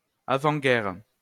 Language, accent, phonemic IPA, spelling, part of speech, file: French, France, /a.vɑ̃.ɡɛʁ/, avant-guerre, noun, LL-Q150 (fra)-avant-guerre.wav
- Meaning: the pre-war period